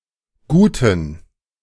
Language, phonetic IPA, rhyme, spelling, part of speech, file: German, [ˈɡuːtn̩], -uːtn̩, Guten, noun, De-Guten.ogg